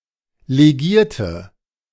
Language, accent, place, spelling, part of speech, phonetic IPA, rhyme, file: German, Germany, Berlin, legierte, adjective / verb, [leˈɡiːɐ̯tə], -iːɐ̯tə, De-legierte.ogg
- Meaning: inflection of legiert: 1. strong/mixed nominative/accusative feminine singular 2. strong nominative/accusative plural 3. weak nominative all-gender singular 4. weak accusative feminine/neuter singular